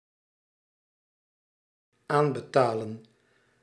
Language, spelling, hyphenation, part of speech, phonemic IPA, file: Dutch, aanbetalen, aan‧be‧ta‧len, verb, /ˈaːn.bəˌtaː.lə(n)/, Nl-aanbetalen.ogg
- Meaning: to make a down payment for